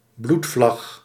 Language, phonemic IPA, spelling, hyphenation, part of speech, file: Dutch, /ˈblut.flɑx/, bloedvlag, bloed‧vlag, noun, Nl-bloedvlag.ogg
- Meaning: a flag used as a signal of attack, originally red, but some black flags were in use during the 20th century